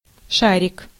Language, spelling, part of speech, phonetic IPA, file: Russian, шарик, noun, [ˈʂarʲɪk], Ru-шарик.ogg
- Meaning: 1. diminutive of шар (šar): small ball, bead, party balloon 2. corpuscle (of blood) 3. brains, mental ability